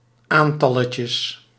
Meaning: diminutive of aantal
- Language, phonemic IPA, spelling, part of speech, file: Dutch, /ˈantɑləcə/, aantalletje, noun, Nl-aantalletje.ogg